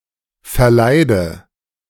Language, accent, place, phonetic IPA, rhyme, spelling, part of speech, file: German, Germany, Berlin, [fɛɐ̯ˈlaɪ̯də], -aɪ̯də, verleide, verb, De-verleide.ogg
- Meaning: inflection of verleiden: 1. first-person singular present 2. first/third-person singular subjunctive I 3. singular imperative